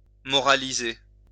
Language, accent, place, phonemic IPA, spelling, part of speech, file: French, France, Lyon, /mɔ.ʁa.li.ze/, moraliser, verb, LL-Q150 (fra)-moraliser.wav
- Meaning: to moralize